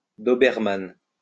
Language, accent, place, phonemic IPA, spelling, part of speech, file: French, France, Lyon, /dɔ.bɛʁ.man/, doberman, noun, LL-Q150 (fra)-doberman.wav
- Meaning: Dobermann (type of dog)